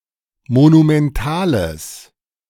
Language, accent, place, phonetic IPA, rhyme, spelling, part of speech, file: German, Germany, Berlin, [monumɛnˈtaːləs], -aːləs, monumentales, adjective, De-monumentales.ogg
- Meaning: strong/mixed nominative/accusative neuter singular of monumental